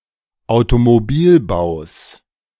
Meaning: genitive singular of Automobilbau
- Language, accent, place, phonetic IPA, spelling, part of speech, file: German, Germany, Berlin, [aʊ̯tomoˈbiːlˌbaʊ̯s], Automobilbaus, noun, De-Automobilbaus.ogg